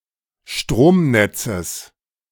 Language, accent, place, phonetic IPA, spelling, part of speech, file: German, Germany, Berlin, [ˈʃtʁoːmˌnɛt͡səs], Stromnetzes, noun, De-Stromnetzes.ogg
- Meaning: genitive singular of Stromnetz